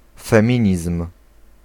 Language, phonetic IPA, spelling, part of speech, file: Polish, [fɛ̃ˈmʲĩɲism̥], feminizm, noun, Pl-feminizm.ogg